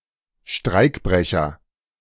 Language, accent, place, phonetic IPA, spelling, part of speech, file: German, Germany, Berlin, [ˈʃtʁaɪ̯kˌbʁɛçɐ], Streikbrecher, noun, De-Streikbrecher.ogg
- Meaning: strikebreaker